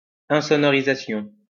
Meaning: soundproofing
- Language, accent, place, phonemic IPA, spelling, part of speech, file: French, France, Lyon, /ɛ̃.sɔ.nɔ.ʁi.za.sjɔ̃/, insonorisation, noun, LL-Q150 (fra)-insonorisation.wav